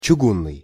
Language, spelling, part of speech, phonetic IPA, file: Russian, чугунный, adjective, [t͡ɕʊˈɡunːɨj], Ru-чугунный.ogg
- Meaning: 1. cast-iron 2. obstinate, stubborn